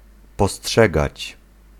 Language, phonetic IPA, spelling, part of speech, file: Polish, [pɔˈsṭʃɛɡat͡ɕ], postrzegać, verb, Pl-postrzegać.ogg